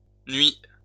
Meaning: past participle of nuire
- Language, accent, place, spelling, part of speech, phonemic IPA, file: French, France, Lyon, nui, verb, /nɥi/, LL-Q150 (fra)-nui.wav